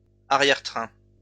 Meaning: 1. the rear of a train, or 4x4 vehicle 2. hindquarters (of an animal) 3. caboose, posterior, hindquarters (buttocks of a human)
- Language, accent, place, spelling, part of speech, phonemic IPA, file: French, France, Lyon, arrière-train, noun, /a.ʁjɛʁ.tʁɛ̃/, LL-Q150 (fra)-arrière-train.wav